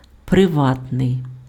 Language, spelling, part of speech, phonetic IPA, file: Ukrainian, приватний, adjective, [preˈʋatnei̯], Uk-приватний.ogg
- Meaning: private